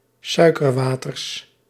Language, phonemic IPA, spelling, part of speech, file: Dutch, /ˈsœykərwatərs/, suikerwaters, noun, Nl-suikerwaters.ogg
- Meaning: plural of suikerwater